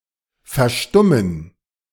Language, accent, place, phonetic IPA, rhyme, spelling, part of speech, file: German, Germany, Berlin, [fɛɐ̯ˈʃtʊmən], -ʊmən, verstummen, verb, De-verstummen.ogg
- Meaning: to become silent